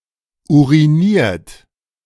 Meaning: 1. past participle of urinieren 2. inflection of urinieren: third-person singular present 3. inflection of urinieren: second-person plural present 4. inflection of urinieren: plural imperative
- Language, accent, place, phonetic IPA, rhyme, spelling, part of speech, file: German, Germany, Berlin, [ˌuʁiˈniːɐ̯t], -iːɐ̯t, uriniert, verb, De-uriniert.ogg